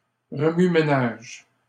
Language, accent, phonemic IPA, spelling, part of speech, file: French, Canada, /ʁə.my.me.naʒ/, remue-ménage, noun, LL-Q150 (fra)-remue-ménage.wav
- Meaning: 1. move, house move 2. bustle, commotion